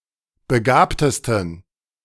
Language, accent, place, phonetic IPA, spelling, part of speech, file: German, Germany, Berlin, [bəˈɡaːptəstn̩], begabtesten, adjective, De-begabtesten.ogg
- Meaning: 1. superlative degree of begabt 2. inflection of begabt: strong genitive masculine/neuter singular superlative degree